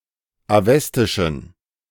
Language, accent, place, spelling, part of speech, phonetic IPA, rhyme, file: German, Germany, Berlin, awestischen, adjective, [aˈvɛstɪʃn̩], -ɛstɪʃn̩, De-awestischen.ogg
- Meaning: inflection of awestisch: 1. strong genitive masculine/neuter singular 2. weak/mixed genitive/dative all-gender singular 3. strong/weak/mixed accusative masculine singular 4. strong dative plural